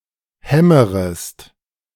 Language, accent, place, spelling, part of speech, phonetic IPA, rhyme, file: German, Germany, Berlin, hämmerest, verb, [ˈhɛməʁəst], -ɛməʁəst, De-hämmerest.ogg
- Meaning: second-person singular subjunctive I of hämmern